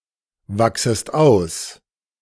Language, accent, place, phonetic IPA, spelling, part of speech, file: German, Germany, Berlin, [ˌvaksəst ˈaʊ̯s], wachsest aus, verb, De-wachsest aus.ogg
- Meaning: second-person singular subjunctive I of auswachsen